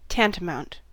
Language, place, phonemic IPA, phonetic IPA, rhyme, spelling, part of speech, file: English, California, /ˈtæntəˌmaʊnt/, [ˈtɛəntəˌmaʊnt], -æntəmaʊnt, tantamount, adjective / verb / noun, En-us-tantamount.ogg
- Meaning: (adjective) Equivalent in meaning or effect; amounting to the same thing in practical terms, even if being technically distinct; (verb) To amount to as much; to be equivalent